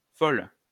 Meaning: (adjective) feminine singular of fou; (noun) 1. madwoman 2. queen (male homosexual)
- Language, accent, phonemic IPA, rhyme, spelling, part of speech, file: French, France, /fɔl/, -ɔl, folle, adjective / noun, LL-Q150 (fra)-folle.wav